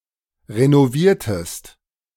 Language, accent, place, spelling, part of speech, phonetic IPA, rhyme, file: German, Germany, Berlin, renoviertest, verb, [ʁenoˈviːɐ̯təst], -iːɐ̯təst, De-renoviertest.ogg
- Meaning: inflection of renovieren: 1. second-person singular preterite 2. second-person singular subjunctive II